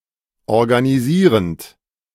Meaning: present participle of organisieren
- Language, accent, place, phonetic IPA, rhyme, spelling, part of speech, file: German, Germany, Berlin, [ɔʁɡaniˈziːʁənt], -iːʁənt, organisierend, verb, De-organisierend.ogg